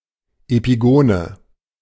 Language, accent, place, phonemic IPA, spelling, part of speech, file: German, Germany, Berlin, /epiˈɡoːnə/, Epigone, noun, De-Epigone.ogg
- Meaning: 1. epigone (follower, disciple) 2. epigone (imitator of artist or style)